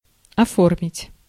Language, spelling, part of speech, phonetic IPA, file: Russian, оформить, verb, [ɐˈformʲɪtʲ], Ru-оформить.ogg
- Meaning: 1. to put into shape, to form 2. to decorate, to arrange 3. to register, to legalize, to formalize, to put (documents, such as visas, passports, etc.) in order, to file